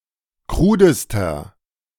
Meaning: inflection of krud: 1. strong/mixed nominative masculine singular superlative degree 2. strong genitive/dative feminine singular superlative degree 3. strong genitive plural superlative degree
- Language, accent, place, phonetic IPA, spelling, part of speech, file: German, Germany, Berlin, [ˈkʁuːdəstɐ], krudester, adjective, De-krudester.ogg